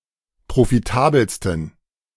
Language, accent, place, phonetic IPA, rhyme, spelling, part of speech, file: German, Germany, Berlin, [pʁofiˈtaːbl̩stn̩], -aːbl̩stn̩, profitabelsten, adjective, De-profitabelsten.ogg
- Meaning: 1. superlative degree of profitabel 2. inflection of profitabel: strong genitive masculine/neuter singular superlative degree